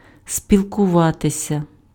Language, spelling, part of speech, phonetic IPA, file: Ukrainian, спілкуватися, verb, [sʲpʲiɫkʊˈʋatesʲɐ], Uk-спілкуватися.ogg
- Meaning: to associate, to communicate, to converse, to consort (with somebody: з ки́мось)